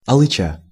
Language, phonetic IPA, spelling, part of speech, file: Russian, [ɐɫɨˈt͡ɕa], алыча, noun, Ru-алыча.ogg
- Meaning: cherry plum (the fruit)